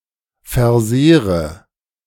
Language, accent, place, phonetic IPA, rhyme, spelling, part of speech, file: German, Germany, Berlin, [fɛɐ̯ˈzeːʁə], -eːʁə, versehre, verb, De-versehre.ogg
- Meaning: inflection of versehren: 1. first-person singular present 2. first/third-person singular subjunctive I 3. singular imperative